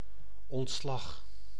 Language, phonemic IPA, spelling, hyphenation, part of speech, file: Dutch, /ˌɔntˈslɑx/, ontslag, ont‧slag, noun, Nl-ontslag.ogg
- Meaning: 1. discharge 2. resignation